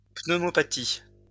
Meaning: pneumonia
- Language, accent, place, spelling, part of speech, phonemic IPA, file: French, France, Lyon, pneumopathie, noun, /pnø.mɔ.pa.ti/, LL-Q150 (fra)-pneumopathie.wav